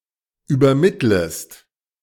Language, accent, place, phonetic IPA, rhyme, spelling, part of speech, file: German, Germany, Berlin, [yːbɐˈmɪtləst], -ɪtləst, übermittlest, verb, De-übermittlest.ogg
- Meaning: second-person singular subjunctive I of übermitteln